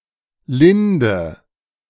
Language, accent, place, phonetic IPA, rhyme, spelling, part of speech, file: German, Germany, Berlin, [ˈlɪndə], -ɪndə, linde, adjective / verb, De-linde.ogg
- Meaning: inflection of lind: 1. strong/mixed nominative/accusative feminine singular 2. strong nominative/accusative plural 3. weak nominative all-gender singular 4. weak accusative feminine/neuter singular